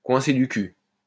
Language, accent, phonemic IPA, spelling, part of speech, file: French, France, /kwɛ̃.se dy ky/, coincé du cul, adjective / noun, LL-Q150 (fra)-coincé du cul.wav
- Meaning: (adjective) uptight, stuck up, not at ease, unconfident; close-minded; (noun) a tightass, an uptight person